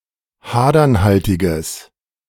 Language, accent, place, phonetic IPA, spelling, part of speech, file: German, Germany, Berlin, [ˈhaːdɐnˌhaltɪɡəs], hadernhaltiges, adjective, De-hadernhaltiges.ogg
- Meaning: strong/mixed nominative/accusative neuter singular of hadernhaltig